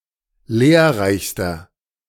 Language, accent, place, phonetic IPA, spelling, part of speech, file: German, Germany, Berlin, [ˈleːɐ̯ˌʁaɪ̯çstɐ], lehrreichster, adjective, De-lehrreichster.ogg
- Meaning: inflection of lehrreich: 1. strong/mixed nominative masculine singular superlative degree 2. strong genitive/dative feminine singular superlative degree 3. strong genitive plural superlative degree